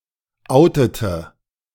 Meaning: inflection of outen: 1. first/third-person singular preterite 2. first/third-person singular subjunctive II
- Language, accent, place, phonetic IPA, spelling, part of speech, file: German, Germany, Berlin, [ˈʔaʊ̯tətə], outete, verb, De-outete.ogg